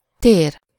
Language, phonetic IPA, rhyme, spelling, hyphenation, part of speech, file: Hungarian, [ˈteːr], -eːr, tér, tér, noun / verb, Hu-tér.ogg
- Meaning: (noun) 1. space (physical extent across two or three dimensions; area, volume) 2. room (space for something, or to carry out an activity; [also figuratively] sufficient space for or to do something)